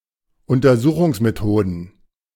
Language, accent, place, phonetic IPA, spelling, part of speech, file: German, Germany, Berlin, [ʊntɐˈzuːxʊŋsmeˌtoːdn̩], Untersuchungsmethoden, noun, De-Untersuchungsmethoden.ogg
- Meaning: plural of Untersuchungsmethode